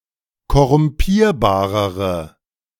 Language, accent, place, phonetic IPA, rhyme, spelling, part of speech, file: German, Germany, Berlin, [kɔʁʊmˈpiːɐ̯baːʁəʁə], -iːɐ̯baːʁəʁə, korrumpierbarere, adjective, De-korrumpierbarere.ogg
- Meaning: inflection of korrumpierbar: 1. strong/mixed nominative/accusative feminine singular comparative degree 2. strong nominative/accusative plural comparative degree